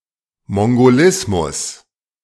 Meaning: mongolism
- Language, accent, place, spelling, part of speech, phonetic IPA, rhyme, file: German, Germany, Berlin, Mongolismus, noun, [mɔŋɡoˈlɪsmʊs], -ɪsmʊs, De-Mongolismus.ogg